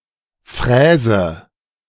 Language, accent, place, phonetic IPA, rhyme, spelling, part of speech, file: German, Germany, Berlin, [ˈfʁɛːzə], -ɛːzə, fräse, verb, De-fräse.ogg
- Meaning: inflection of fräsen: 1. first-person singular present 2. first/third-person singular subjunctive I 3. singular imperative